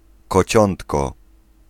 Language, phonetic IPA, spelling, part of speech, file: Polish, [kɔˈt͡ɕɔ̃ntkɔ], kociątko, noun, Pl-kociątko.ogg